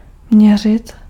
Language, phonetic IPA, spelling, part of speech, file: Czech, [ˈmɲɛr̝ɪt], měřit, verb, Cs-měřit.ogg
- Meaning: 1. to measure 2. to have a specified dimension